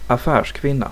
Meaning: a businesswoman
- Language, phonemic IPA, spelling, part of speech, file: Swedish, /aˌfɛːrsˈkvɪnːa/, affärskvinna, noun, Sv-affärskvinna.ogg